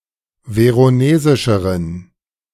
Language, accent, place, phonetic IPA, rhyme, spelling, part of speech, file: German, Germany, Berlin, [ˌveʁoˈneːzɪʃəʁən], -eːzɪʃəʁən, veronesischeren, adjective, De-veronesischeren.ogg
- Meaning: inflection of veronesisch: 1. strong genitive masculine/neuter singular comparative degree 2. weak/mixed genitive/dative all-gender singular comparative degree